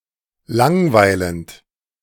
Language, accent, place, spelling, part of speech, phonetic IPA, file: German, Germany, Berlin, langweilend, verb, [ˈlaŋˌvaɪ̯lənt], De-langweilend.ogg
- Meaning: present participle of langweilen